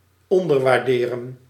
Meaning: 1. to underappreciate 2. to underestimate, to undervalue
- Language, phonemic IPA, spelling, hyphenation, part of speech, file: Dutch, /ˌɔn.dər.ʋaːrˈdeː.rə(n)/, onderwaarderen, on‧der‧waar‧de‧ren, verb, Nl-onderwaarderen.ogg